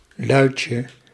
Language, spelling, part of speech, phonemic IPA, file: Dutch, luitje, noun, /ˈlœycə/, Nl-luitje.ogg
- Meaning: diminutive of luit